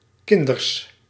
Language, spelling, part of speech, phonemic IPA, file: Dutch, kinders, noun, /ˈkɪn.dərs/, Nl-kinders.ogg
- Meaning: plural of kind